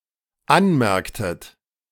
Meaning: inflection of anmerken: 1. second-person plural dependent preterite 2. second-person plural dependent subjunctive II
- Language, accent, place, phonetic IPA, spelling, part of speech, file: German, Germany, Berlin, [ˈanˌmɛʁktət], anmerktet, verb, De-anmerktet.ogg